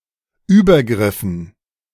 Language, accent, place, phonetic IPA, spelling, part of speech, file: German, Germany, Berlin, [ˈyːbɐˌɡʁɪfn̩], Übergriffen, noun, De-Übergriffen.ogg
- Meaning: dative plural of Übergriff